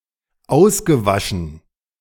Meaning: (verb) past participle of auswaschen; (adjective) 1. eroded 2. washed out
- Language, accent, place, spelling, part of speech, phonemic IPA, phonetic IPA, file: German, Germany, Berlin, ausgewaschen, verb / adjective, /ˈaʊ̯sɡəˌvaʃən/, [ˈʔaʊ̯sɡəˌvaʃn̩], De-ausgewaschen.ogg